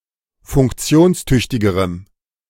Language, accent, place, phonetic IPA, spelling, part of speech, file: German, Germany, Berlin, [fʊŋkˈt͡si̯oːnsˌtʏçtɪɡəʁəm], funktionstüchtigerem, adjective, De-funktionstüchtigerem.ogg
- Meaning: strong dative masculine/neuter singular comparative degree of funktionstüchtig